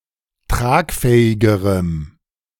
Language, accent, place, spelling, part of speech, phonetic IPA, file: German, Germany, Berlin, tragfähigerem, adjective, [ˈtʁaːkˌfɛːɪɡəʁəm], De-tragfähigerem.ogg
- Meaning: strong dative masculine/neuter singular comparative degree of tragfähig